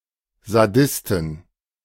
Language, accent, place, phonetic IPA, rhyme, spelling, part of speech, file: German, Germany, Berlin, [zaˈdɪstn̩], -ɪstn̩, Sadisten, noun, De-Sadisten.ogg
- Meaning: inflection of Sadist: 1. genitive/dative/accusative singular 2. nominative/genitive/dative/accusative plural